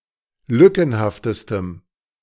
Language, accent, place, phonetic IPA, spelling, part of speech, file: German, Germany, Berlin, [ˈlʏkn̩haftəstəm], lückenhaftestem, adjective, De-lückenhaftestem.ogg
- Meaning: strong dative masculine/neuter singular superlative degree of lückenhaft